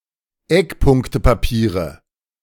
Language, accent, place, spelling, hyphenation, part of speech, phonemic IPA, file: German, Germany, Berlin, Eckpunktepapiere, Eck‧punk‧te‧pa‧pie‧re, noun, /ˈɛkˌpʊŋktəpaˌpiːʁə/, De-Eckpunktepapiere.ogg
- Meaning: nominative/accusative/genitive plural of Eckpunktepapier